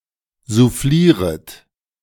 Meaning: second-person plural subjunctive I of soufflieren
- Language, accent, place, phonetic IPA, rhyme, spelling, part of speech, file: German, Germany, Berlin, [zuˈfliːʁət], -iːʁət, soufflieret, verb, De-soufflieret.ogg